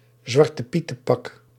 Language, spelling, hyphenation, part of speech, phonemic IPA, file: Dutch, zwartepietenpak, zwar‧te‧pie‧ten‧pak, noun, /zʋɑr.təˈpi.tə(n)ˌpɑk/, Nl-zwartepietenpak.ogg
- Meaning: the clothes worn by someone dressing up like Zwarte Piet